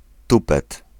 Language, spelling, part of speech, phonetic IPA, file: Polish, tupet, noun, [ˈtupɛt], Pl-tupet.ogg